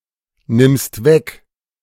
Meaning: second-person singular present of wegnehmen
- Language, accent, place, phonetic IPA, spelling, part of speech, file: German, Germany, Berlin, [nɪmst ˈvɛk], nimmst weg, verb, De-nimmst weg.ogg